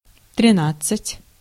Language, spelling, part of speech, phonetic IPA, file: Russian, тринадцать, numeral, [trʲɪˈnat͡s(ː)ɨtʲ], Ru-тринадцать.ogg
- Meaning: thirteen (13)